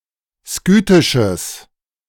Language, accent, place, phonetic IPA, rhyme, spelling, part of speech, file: German, Germany, Berlin, [ˈskyːtɪʃəs], -yːtɪʃəs, skythisches, adjective, De-skythisches.ogg
- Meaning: strong/mixed nominative/accusative neuter singular of skythisch